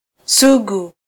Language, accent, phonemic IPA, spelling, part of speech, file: Swahili, Kenya, /ˈsu.ɠu/, sugu, noun / adjective, Sw-ke-sugu.flac
- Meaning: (noun) a wart (type of growth occurring on the skin); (adjective) 1. callous, heartless 2. chronic (especially of a disease)